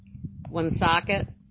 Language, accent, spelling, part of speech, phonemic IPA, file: English, US, Woonsocket, proper noun, /wʊnˈsɒkɪt/, En-Woonsocket.oga
- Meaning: 1. A city in Providence County, Rhode Island, United States 2. A small city, the county seat of Sanborn County, South Dakota, United States. Named after Woonsocket, RI